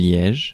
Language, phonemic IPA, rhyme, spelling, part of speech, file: French, /ljɛʒ/, -ɛʒ, Liège, proper noun, Fr-Liège.ogg
- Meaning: 1. Liège (a province of Belgium) 2. Liège (a city, the provincial capital of Liège, Belgium)